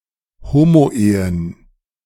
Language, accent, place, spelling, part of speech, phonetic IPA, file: German, Germany, Berlin, Homoehen, noun, [ˈhoːmoˌʔeːən], De-Homoehen.ogg
- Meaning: plural of Homoehe